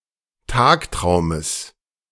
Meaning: genitive singular of Tagtraum
- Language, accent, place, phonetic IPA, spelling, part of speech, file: German, Germany, Berlin, [ˈtaːkˌtʁaʊ̯məs], Tagtraumes, noun, De-Tagtraumes.ogg